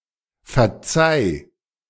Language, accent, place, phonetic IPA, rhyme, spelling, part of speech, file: German, Germany, Berlin, [fɛɐ̯ˈt͡saɪ̯], -aɪ̯, verzeih, verb, De-verzeih.ogg
- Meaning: singular imperative of verzeihen